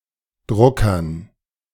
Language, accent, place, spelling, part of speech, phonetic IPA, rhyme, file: German, Germany, Berlin, Druckern, noun, [ˈdʁʊkɐn], -ʊkɐn, De-Druckern.ogg
- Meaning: dative plural of Drucker